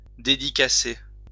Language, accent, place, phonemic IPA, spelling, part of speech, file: French, France, Lyon, /de.di.ka.se/, dédicacer, verb, LL-Q150 (fra)-dédicacer.wav
- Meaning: to sign, autograph